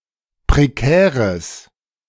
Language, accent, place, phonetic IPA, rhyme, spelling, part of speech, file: German, Germany, Berlin, [pʁeˈkɛːʁəs], -ɛːʁəs, prekäres, adjective, De-prekäres.ogg
- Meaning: strong/mixed nominative/accusative neuter singular of prekär